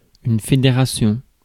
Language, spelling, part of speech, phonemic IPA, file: French, fédération, noun, /fe.de.ʁa.sjɔ̃/, Fr-fédération.ogg
- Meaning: federation